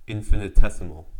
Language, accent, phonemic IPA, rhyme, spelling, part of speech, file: English, US, /ˌɪnfɪnɪˈtɛsɪməl/, -ɛsɪməl, infinitesimal, adjective / noun, En-us-infinitesimal.ogg
- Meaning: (adjective) 1. Incalculably, exceedingly, or immeasurably minute; vanishingly small 2. Of or pertaining to non-zero quantities whose magnitude is less than any positive rational number 3. Very small